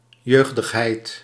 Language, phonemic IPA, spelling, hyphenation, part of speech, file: Dutch, /ˈjøːɣdəxˌɦɛi̯t/, jeugdigheid, jeug‧dig‧heid, noun, Nl-jeugdigheid.ogg
- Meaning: youthfulness, youth